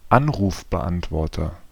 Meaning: 1. answering machine 2. voicemail
- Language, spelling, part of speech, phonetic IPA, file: German, Anrufbeantworter, noun, [ˈanʁuːfbəˌʔantvɔʁtɐ], De-Anrufbeantworter.ogg